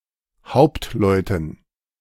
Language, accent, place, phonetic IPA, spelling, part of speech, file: German, Germany, Berlin, [ˈhaʊ̯ptˌlɔɪ̯tn̩], Hauptleuten, noun, De-Hauptleuten.ogg
- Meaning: dative plural of Hauptmann